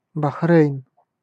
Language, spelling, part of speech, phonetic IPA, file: Russian, Бахрейн, proper noun, [bɐˈxrʲejn], Ru-Бахрейн.ogg
- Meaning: Bahrain (an archipelago, island, and country in West Asia in the Persian Gulf)